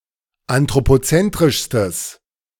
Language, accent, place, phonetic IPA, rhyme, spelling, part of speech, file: German, Germany, Berlin, [antʁopoˈt͡sɛntʁɪʃstəs], -ɛntʁɪʃstəs, anthropozentrischstes, adjective, De-anthropozentrischstes.ogg
- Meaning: strong/mixed nominative/accusative neuter singular superlative degree of anthropozentrisch